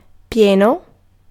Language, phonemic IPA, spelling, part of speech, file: Italian, /ˈpjɛno/, pieno, adjective / noun, It-pieno.ogg